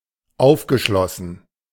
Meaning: past participle of aufschließen
- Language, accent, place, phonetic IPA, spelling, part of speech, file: German, Germany, Berlin, [ˈaʊ̯fɡəˌʃlɔsn̩], aufgeschlossen, verb, De-aufgeschlossen.ogg